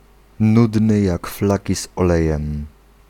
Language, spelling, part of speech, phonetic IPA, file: Polish, nudny jak flaki z olejem, adjectival phrase, [ˈnudnɨ ˈjak ˈflaci z‿ɔˈlɛjɛ̃m], Pl-nudny jak flaki z olejem.ogg